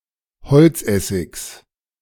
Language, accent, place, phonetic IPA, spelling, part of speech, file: German, Germany, Berlin, [bəˌt͡soːk ˈaɪ̯n], bezog ein, verb, De-bezog ein.ogg
- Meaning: first/third-person singular preterite of einbeziehen